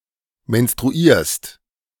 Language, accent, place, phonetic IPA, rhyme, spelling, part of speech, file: German, Germany, Berlin, [mɛnstʁuˈiːɐ̯st], -iːɐ̯st, menstruierst, verb, De-menstruierst.ogg
- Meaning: second-person singular present of menstruieren